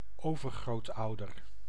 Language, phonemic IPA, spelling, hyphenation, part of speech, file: Dutch, /ˈoː.vər.ɣroːtˌɑu̯.dər/, overgrootouder, over‧groot‧ou‧der, noun, Nl-overgrootouder.ogg
- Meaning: great-grandparent